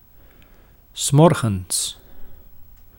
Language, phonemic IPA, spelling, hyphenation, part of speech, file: Dutch, /ˈsmɔr.ɣə(n)s/, 's morgens, 's mor‧gens, adverb, Nl-'s morgens.ogg
- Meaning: in the morning